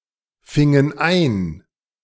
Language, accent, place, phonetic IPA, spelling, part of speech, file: German, Germany, Berlin, [ˌfɪŋən ˈaɪ̯n], fingen ein, verb, De-fingen ein.ogg
- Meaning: inflection of einfangen: 1. first/third-person plural preterite 2. first/third-person plural subjunctive II